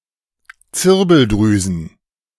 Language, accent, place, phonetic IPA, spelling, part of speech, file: German, Germany, Berlin, [ˈt͡sɪʁbl̩ˌdʁyːzn̩], Zirbeldrüsen, noun, De-Zirbeldrüsen.ogg
- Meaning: plural of Zirbeldrüse